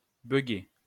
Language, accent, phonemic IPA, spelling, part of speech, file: French, France, /bœ.ɡe/, buguer, verb, LL-Q150 (fra)-buguer.wav
- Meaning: alternative spelling of bugger